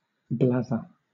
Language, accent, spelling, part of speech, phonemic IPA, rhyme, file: English, Southern England, blather, verb / noun, /ˈblæðə(ɹ)/, -æðə(ɹ), LL-Q1860 (eng)-blather.wav
- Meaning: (verb) 1. To talk rapidly without making much sense 2. To say (something foolish or nonsensical); to say (something) in a foolish or overly verbose way; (noun) Foolish or nonsensical talk